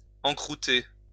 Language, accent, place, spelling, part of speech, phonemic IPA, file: French, France, Lyon, encroûter, verb, /ɑ̃.kʁu.te/, LL-Q150 (fra)-encroûter.wav
- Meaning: 1. to encrust, crust over 2. to crust over, form a crust 3. to get into a rut